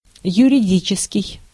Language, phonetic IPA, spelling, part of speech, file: Russian, [jʉrʲɪˈdʲit͡ɕɪskʲɪj], юридический, adjective, Ru-юридический.ogg
- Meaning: law; legal